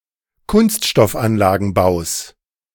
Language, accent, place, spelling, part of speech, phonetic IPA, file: German, Germany, Berlin, Kunststoffanlagenbaus, noun, [ˌkʊnstʃtɔfˈanlaːɡn̩baʊ̯s], De-Kunststoffanlagenbaus.ogg
- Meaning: genitive singular of Kunststoffanlagenbau